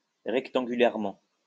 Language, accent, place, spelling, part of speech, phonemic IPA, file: French, France, Lyon, rectangulairement, adverb, /ʁɛk.tɑ̃.ɡy.lɛʁ.mɑ̃/, LL-Q150 (fra)-rectangulairement.wav
- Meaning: rectangularly